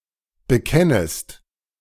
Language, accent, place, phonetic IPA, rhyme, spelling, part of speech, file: German, Germany, Berlin, [bəˈkɛnəst], -ɛnəst, bekennest, verb, De-bekennest.ogg
- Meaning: second-person singular subjunctive I of bekennen